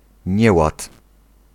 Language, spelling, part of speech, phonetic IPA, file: Polish, nieład, noun, [ˈɲɛwat], Pl-nieład.ogg